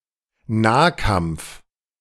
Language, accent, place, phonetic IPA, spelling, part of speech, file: German, Germany, Berlin, [ˈnaːˌkamp͡f], Nahkampf, noun, De-Nahkampf.ogg
- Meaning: close combat